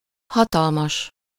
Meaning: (adjective) enormous, prodigious, huge, vast; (noun) powers that be, the powerful
- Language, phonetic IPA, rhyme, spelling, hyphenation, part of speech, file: Hungarian, [ˈhɒtɒlmɒʃ], -ɒʃ, hatalmas, ha‧tal‧mas, adjective / noun, Hu-hatalmas.ogg